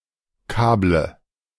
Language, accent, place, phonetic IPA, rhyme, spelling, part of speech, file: German, Germany, Berlin, [ˈkaːblə], -aːblə, kable, verb, De-kable.ogg
- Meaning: inflection of kabeln: 1. first-person singular present 2. first/third-person singular subjunctive I 3. singular imperative